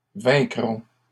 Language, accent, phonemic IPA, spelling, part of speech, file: French, Canada, /vɛ̃.kʁɔ̃/, vaincront, verb, LL-Q150 (fra)-vaincront.wav
- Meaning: third-person plural future of vaincre